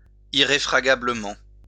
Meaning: irrefragably
- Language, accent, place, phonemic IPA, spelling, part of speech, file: French, France, Lyon, /i.ʁe.fʁa.ɡa.blə.mɑ̃/, irréfragablement, adverb, LL-Q150 (fra)-irréfragablement.wav